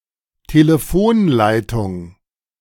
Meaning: telephone line, phone line
- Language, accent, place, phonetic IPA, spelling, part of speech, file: German, Germany, Berlin, [ˈteːləfoːnˌlaɪ̯tʊŋ], Telefonleitung, noun, De-Telefonleitung.ogg